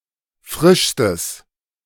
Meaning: strong/mixed nominative/accusative neuter singular superlative degree of frisch
- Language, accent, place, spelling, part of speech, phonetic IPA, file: German, Germany, Berlin, frischstes, adjective, [ˈfʁɪʃstəs], De-frischstes.ogg